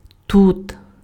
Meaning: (adverb) here; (noun) mulberry
- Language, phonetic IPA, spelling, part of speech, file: Ukrainian, [tut], тут, adverb / noun, Uk-тут.ogg